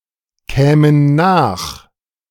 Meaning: first/third-person plural subjunctive II of nachkommen
- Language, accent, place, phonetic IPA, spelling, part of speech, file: German, Germany, Berlin, [ˌkɛːmən ˈnaːx], kämen nach, verb, De-kämen nach.ogg